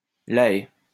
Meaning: The Hague (the administrative capital of the Netherlands)
- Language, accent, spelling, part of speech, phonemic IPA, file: French, France, La Haye, proper noun, /la ɛ/, LL-Q150 (fra)-La Haye.wav